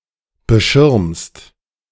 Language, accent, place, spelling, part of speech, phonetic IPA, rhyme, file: German, Germany, Berlin, beschirmst, verb, [bəˈʃɪʁmst], -ɪʁmst, De-beschirmst.ogg
- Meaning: second-person singular present of beschirmen